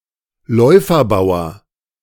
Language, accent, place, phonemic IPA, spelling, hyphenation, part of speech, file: German, Germany, Berlin, /ˈlɔɪ̯fɐˌbaʊ̯ɐ/, Läuferbauer, Läu‧fer‧bau‧er, noun, De-Läuferbauer.ogg
- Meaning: bishop's pawn